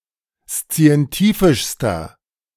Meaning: inflection of szientifisch: 1. strong/mixed nominative masculine singular superlative degree 2. strong genitive/dative feminine singular superlative degree 3. strong genitive plural superlative degree
- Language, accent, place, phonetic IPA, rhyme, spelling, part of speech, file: German, Germany, Berlin, [st͡si̯ɛnˈtiːfɪʃstɐ], -iːfɪʃstɐ, szientifischster, adjective, De-szientifischster.ogg